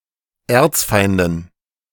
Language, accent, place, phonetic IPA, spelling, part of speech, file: German, Germany, Berlin, [ˈɛɐ̯t͡sˌfaɪ̯ndn̩], Erzfeinden, noun, De-Erzfeinden.ogg
- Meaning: dative plural of Erzfeind